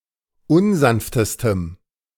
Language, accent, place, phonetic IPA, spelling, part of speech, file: German, Germany, Berlin, [ˈʊnˌzanftəstəm], unsanftestem, adjective, De-unsanftestem.ogg
- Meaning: strong dative masculine/neuter singular superlative degree of unsanft